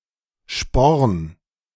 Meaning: spur
- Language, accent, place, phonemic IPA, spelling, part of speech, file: German, Germany, Berlin, /ʃpɔrn/, Sporn, noun, De-Sporn.ogg